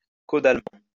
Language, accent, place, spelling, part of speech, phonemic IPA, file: French, France, Lyon, caudalement, adverb, /ko.dal.mɑ̃/, LL-Q150 (fra)-caudalement.wav
- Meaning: caudally